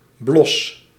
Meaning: blush, reddening of the cheeks
- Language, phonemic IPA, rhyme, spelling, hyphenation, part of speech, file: Dutch, /blɔs/, -ɔs, blos, blos, noun, Nl-blos.ogg